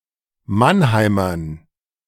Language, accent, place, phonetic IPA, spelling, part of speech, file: German, Germany, Berlin, [ˈmanˌhaɪ̯mɐn], Mannheimern, noun, De-Mannheimern.ogg
- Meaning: dative plural of Mannheimer